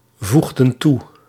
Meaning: inflection of toevoegen: 1. plural past indicative 2. plural past subjunctive
- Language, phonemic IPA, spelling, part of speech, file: Dutch, /ˈvuɣdə(n) ˈtu/, voegden toe, verb, Nl-voegden toe.ogg